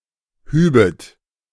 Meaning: second-person plural subjunctive II of heben
- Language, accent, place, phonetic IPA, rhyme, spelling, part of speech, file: German, Germany, Berlin, [ˈhyːbət], -yːbət, hübet, verb, De-hübet.ogg